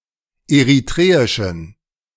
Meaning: inflection of eritreisch: 1. strong genitive masculine/neuter singular 2. weak/mixed genitive/dative all-gender singular 3. strong/weak/mixed accusative masculine singular 4. strong dative plural
- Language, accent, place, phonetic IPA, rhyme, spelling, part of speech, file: German, Germany, Berlin, [eʁiˈtʁeːɪʃn̩], -eːɪʃn̩, eritreischen, adjective, De-eritreischen.ogg